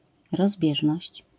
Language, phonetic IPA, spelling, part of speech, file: Polish, [rɔzˈbʲjɛʒnɔɕt͡ɕ], rozbieżność, noun, LL-Q809 (pol)-rozbieżność.wav